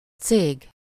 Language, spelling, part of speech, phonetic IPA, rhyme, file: Hungarian, cég, noun, [ˈt͡seːɡ], -eːɡ, Hu-cég.ogg
- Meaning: firm, company